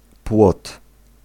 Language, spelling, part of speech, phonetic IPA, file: Polish, płot, noun, [pwɔt], Pl-płot.ogg